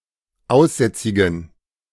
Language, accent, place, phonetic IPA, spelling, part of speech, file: German, Germany, Berlin, [ˈaʊ̯sˌzɛt͡sɪɡn̩], aussätzigen, adjective, De-aussätzigen.ogg
- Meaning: inflection of aussätzig: 1. strong genitive masculine/neuter singular 2. weak/mixed genitive/dative all-gender singular 3. strong/weak/mixed accusative masculine singular 4. strong dative plural